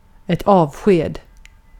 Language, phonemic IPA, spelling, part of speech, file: Swedish, /ˌɑːvˈɧeːd/, avsked, noun, Sv-avsked.ogg
- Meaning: 1. a farewell, parting 2. a dismissal